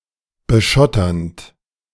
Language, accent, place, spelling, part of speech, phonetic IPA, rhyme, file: German, Germany, Berlin, beschotternd, verb, [bəˈʃɔtɐnt], -ɔtɐnt, De-beschotternd.ogg
- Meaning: present participle of beschottern